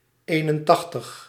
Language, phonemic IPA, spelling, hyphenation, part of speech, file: Dutch, /ˈeː.nə(n)ˌtɑx.təx/, eenentachtig, een‧en‧tach‧tig, numeral, Nl-eenentachtig.ogg
- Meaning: eighty-one